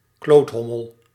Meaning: asshole
- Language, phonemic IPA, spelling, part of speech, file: Dutch, /ˈkloːtˌɦɔ.məl/, kloothommel, noun, Nl-kloothommel.ogg